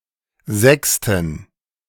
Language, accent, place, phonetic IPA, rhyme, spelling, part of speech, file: German, Germany, Berlin, [ˈzɛkstn̩], -ɛkstn̩, Sexten, noun, De-Sexten.ogg
- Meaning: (proper noun) a municipality of South Tyrol; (noun) plural of Sexte